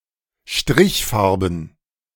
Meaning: plural of Strichfarbe
- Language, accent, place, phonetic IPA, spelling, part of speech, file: German, Germany, Berlin, [ˈʃtʁɪçˌfaʁbm̩], Strichfarben, noun, De-Strichfarben.ogg